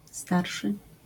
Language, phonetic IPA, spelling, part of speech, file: Polish, [ˈstarʃɨ], starszy, adjective / noun, LL-Q809 (pol)-starszy.wav